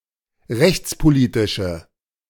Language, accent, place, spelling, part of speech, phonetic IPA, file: German, Germany, Berlin, rechtspolitische, adjective, [ˈʁɛçt͡spoˌliːtɪʃə], De-rechtspolitische.ogg
- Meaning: inflection of rechtspolitisch: 1. strong/mixed nominative/accusative feminine singular 2. strong nominative/accusative plural 3. weak nominative all-gender singular